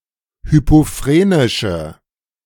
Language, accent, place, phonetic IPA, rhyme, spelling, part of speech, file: German, Germany, Berlin, [ˌhypoˈfʁeːnɪʃə], -eːnɪʃə, hypophrenische, adjective, De-hypophrenische.ogg
- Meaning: inflection of hypophrenisch: 1. strong/mixed nominative/accusative feminine singular 2. strong nominative/accusative plural 3. weak nominative all-gender singular